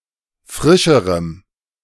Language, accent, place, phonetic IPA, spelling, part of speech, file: German, Germany, Berlin, [ˈfʁɪʃəʁəm], frischerem, adjective, De-frischerem.ogg
- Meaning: strong dative masculine/neuter singular comparative degree of frisch